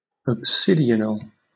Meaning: Pertaining to a siege
- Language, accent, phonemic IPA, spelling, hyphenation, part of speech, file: English, Southern England, /əbˈsɪdɪənəl/, obsidional, ob‧si‧di‧on‧al, adjective, LL-Q1860 (eng)-obsidional.wav